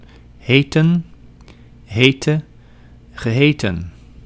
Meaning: 1. to be named; to have as name; to be called 2. to be (a translation or synonym of); to be called 3. to name, to call (to provide with a name, to define a name as) 4. to be claimed; to be asserted
- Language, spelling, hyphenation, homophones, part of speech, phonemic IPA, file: Dutch, heten, he‧ten, Heeten / heetten, verb, /ˈɦeː.tə(n)/, Nl-heten.ogg